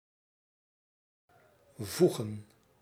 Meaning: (verb) 1. to place, to put 2. to add 3. to grout 4. to fit, to suit 5. to submit, to comply; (noun) plural of voeg
- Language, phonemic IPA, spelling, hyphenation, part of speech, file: Dutch, /ˈvu.ɣə(n)/, voegen, voe‧gen, verb / noun, Nl-voegen.ogg